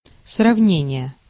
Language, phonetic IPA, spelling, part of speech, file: Russian, [srɐvˈnʲenʲɪje], сравнение, noun, Ru-сравнение.ogg
- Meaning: 1. comparison 2. simile